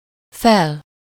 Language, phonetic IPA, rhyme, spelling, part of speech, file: Hungarian, [ˈfɛl], -ɛl, fel, adverb / noun / adjective, Hu-fel.ogg
- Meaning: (adverb) up, upward, upwards (to a physically higher or more elevated position); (noun) alternative form of föl (“upper part, surface”)